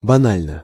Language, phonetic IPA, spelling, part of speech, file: Russian, [bɐˈnalʲnə], банально, adjective, Ru-банально.ogg
- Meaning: short neuter singular of бана́льный (banálʹnyj)